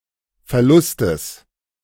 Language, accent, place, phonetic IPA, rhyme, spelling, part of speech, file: German, Germany, Berlin, [fɛɐ̯ˈlʊstəs], -ʊstəs, Verlustes, noun, De-Verlustes.ogg
- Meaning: genitive singular of Verlust